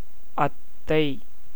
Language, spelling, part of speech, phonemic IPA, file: Tamil, அத்தை, noun, /ɐt̪ːɐɪ̯/, Ta-அத்தை.ogg
- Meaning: 1. paternal aunt 2. wife of maternal uncle 3. mother-in-law